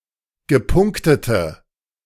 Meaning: inflection of gepunktet: 1. strong/mixed nominative/accusative feminine singular 2. strong nominative/accusative plural 3. weak nominative all-gender singular
- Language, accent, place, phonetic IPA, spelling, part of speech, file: German, Germany, Berlin, [ɡəˈpʊŋktətə], gepunktete, adjective, De-gepunktete.ogg